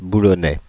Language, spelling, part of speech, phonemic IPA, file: French, Boulonnais, noun, /bu.lɔ.nɛ/, Fr-Boulonnais.ogg
- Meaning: 1. a resident of Boulogne, a commune situated in the département of Vendée, France 2. a resident of Boulogne-Billancourt, a commune situated in the département of Hauts-de-Seine, France